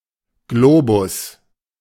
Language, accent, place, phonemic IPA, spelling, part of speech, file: German, Germany, Berlin, /ˈɡloːbʊs/, Globus, noun, De-Globus.ogg
- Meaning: globe